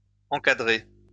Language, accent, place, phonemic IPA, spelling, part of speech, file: French, France, Lyon, /ɑ̃.ka.dʁe/, encadré, verb, LL-Q150 (fra)-encadré.wav
- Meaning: past participle of encadrer